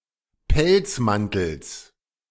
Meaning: genitive of Pelzmantel
- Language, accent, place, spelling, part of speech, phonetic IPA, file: German, Germany, Berlin, Pelzmantels, noun, [ˈpɛlt͡sˌmantl̩s], De-Pelzmantels.ogg